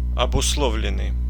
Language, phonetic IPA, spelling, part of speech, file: Russian, [ɐbʊsˈɫovlʲɪn(ː)ɨj], обусловленный, verb / adjective, Ru-обусловленный.ogg
- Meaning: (verb) past passive perfective participle of обусло́вить (obuslóvitʹ); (adjective) caused by; depending on